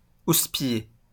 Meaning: 1. to chide or scold someone harshly, usually accompanied by pulling and shaking, berate 2. to criticise 3. to rebuke, reprehend 4. to mistreat, torment, mob; to cause worry or distress
- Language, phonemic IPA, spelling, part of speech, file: French, /us.pi.je/, houspiller, verb, LL-Q150 (fra)-houspiller.wav